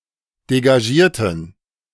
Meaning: inflection of degagiert: 1. strong genitive masculine/neuter singular 2. weak/mixed genitive/dative all-gender singular 3. strong/weak/mixed accusative masculine singular 4. strong dative plural
- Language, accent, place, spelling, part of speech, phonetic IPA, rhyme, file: German, Germany, Berlin, degagierten, adjective, [deɡaˈʒiːɐ̯tn̩], -iːɐ̯tn̩, De-degagierten.ogg